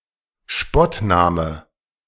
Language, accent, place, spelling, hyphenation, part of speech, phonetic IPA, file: German, Germany, Berlin, Spottname, Spott‧na‧me, noun, [ˈʃpɔtˌnaːmə], De-Spottname.ogg
- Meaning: derogatory nickname, derisive nickname